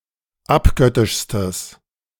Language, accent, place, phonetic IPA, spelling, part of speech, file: German, Germany, Berlin, [ˈapˌɡœtɪʃstəs], abgöttischstes, adjective, De-abgöttischstes.ogg
- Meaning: strong/mixed nominative/accusative neuter singular superlative degree of abgöttisch